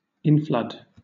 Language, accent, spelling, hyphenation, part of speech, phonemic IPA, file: English, Southern England, inflood, in‧flood, noun / verb, /ˈinˌflʌd/, LL-Q1860 (eng)-inflood.wav
- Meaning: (noun) The act or process of flooding or flowing in; an inflow or influx; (verb) 1. Of a river, water, etc.: to flood or flow into (a place) 2. To flood or flow in; to inflow